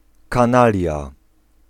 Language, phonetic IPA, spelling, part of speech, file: Polish, [kãˈnalʲja], kanalia, noun, Pl-kanalia.ogg